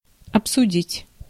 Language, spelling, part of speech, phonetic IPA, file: Russian, обсудить, verb, [ɐpsʊˈdʲitʲ], Ru-обсудить.ogg
- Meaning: to discuss, to consider, to talk over